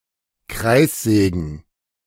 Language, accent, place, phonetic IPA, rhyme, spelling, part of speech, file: German, Germany, Berlin, [ˈkʁaɪ̯sˌzɛːɡn̩], -aɪ̯szɛːɡn̩, Kreissägen, noun, De-Kreissägen.ogg
- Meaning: plural of Kreissäge